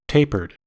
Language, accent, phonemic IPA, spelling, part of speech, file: English, US, /ˈteɪ.pɚd/, tapered, verb / adjective, En-us-tapered.ogg
- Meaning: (verb) simple past and past participle of taper; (adjective) 1. Narrowing gradually towards a point 2. Lit with a taper